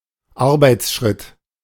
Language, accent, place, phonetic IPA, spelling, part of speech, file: German, Germany, Berlin, [ˈaʁbaɪ̯t͡sˌʃʁɪt], Arbeitsschritt, noun, De-Arbeitsschritt.ogg
- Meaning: step/stage in a multi-stage process